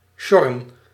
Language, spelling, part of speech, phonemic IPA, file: Dutch, sjorren, verb, /ˈʃɔ.rə(n)/, Nl-sjorren.ogg
- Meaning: to drag